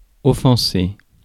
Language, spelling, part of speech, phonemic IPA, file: French, offenser, verb, /ɔ.fɑ̃.se/, Fr-offenser.ogg
- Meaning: 1. to offend (to insult, to cause offence) 2. to hurt (physically damage)